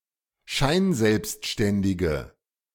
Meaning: inflection of scheinselbstständig: 1. strong/mixed nominative/accusative feminine singular 2. strong nominative/accusative plural 3. weak nominative all-gender singular
- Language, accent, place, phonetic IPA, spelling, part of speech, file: German, Germany, Berlin, [ˈʃaɪ̯nˌzɛlpstʃtɛndɪɡə], scheinselbstständige, adjective, De-scheinselbstständige.ogg